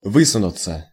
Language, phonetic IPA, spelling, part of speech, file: Russian, [ˈvɨsʊnʊt͡sə], высунуться, verb, Ru-высунуться.ogg
- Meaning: 1. to lean out, to thrust oneself forward 2. passive of вы́сунуть (výsunutʹ)